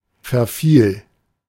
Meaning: first/third-person singular preterite of verfallen
- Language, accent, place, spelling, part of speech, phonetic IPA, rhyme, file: German, Germany, Berlin, verfiel, verb, [fɛɐ̯ˈfiːl], -iːl, De-verfiel.ogg